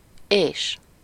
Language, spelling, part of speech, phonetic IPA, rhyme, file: Hungarian, és, conjunction, [ˈeːʃ], -eːʃ, Hu-és.ogg
- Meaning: and